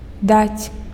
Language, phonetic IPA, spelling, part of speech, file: Belarusian, [dat͡sʲ], даць, verb, Be-даць.ogg
- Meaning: to give